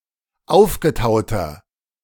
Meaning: inflection of aufgetaut: 1. strong/mixed nominative masculine singular 2. strong genitive/dative feminine singular 3. strong genitive plural
- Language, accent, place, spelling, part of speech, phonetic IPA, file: German, Germany, Berlin, aufgetauter, adjective, [ˈaʊ̯fɡəˌtaʊ̯tɐ], De-aufgetauter.ogg